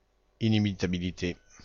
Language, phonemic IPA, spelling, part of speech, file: French, /i.ni.mi.ta.bi.li.te/, inimitabilité, noun, Fr-inimitabilité.ogg
- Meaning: inimitability, incontestability